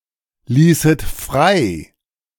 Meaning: second-person plural subjunctive II of freilassen
- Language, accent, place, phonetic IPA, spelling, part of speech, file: German, Germany, Berlin, [ˌliːsət ˈfʁaɪ̯], ließet frei, verb, De-ließet frei.ogg